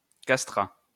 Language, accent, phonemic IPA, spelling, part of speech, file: French, France, /kas.tʁa/, castrat, noun, LL-Q150 (fra)-castrat.wav
- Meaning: castrato